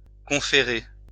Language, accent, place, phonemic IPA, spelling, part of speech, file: French, France, Lyon, /kɔ̃.fe.ʁe/, conférer, verb, LL-Q150 (fra)-conférer.wav
- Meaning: to confer